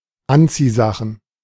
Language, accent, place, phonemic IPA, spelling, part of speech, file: German, Germany, Berlin, /ˈantsiˌzaxən/, Anziehsachen, noun, De-Anziehsachen.ogg
- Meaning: clothes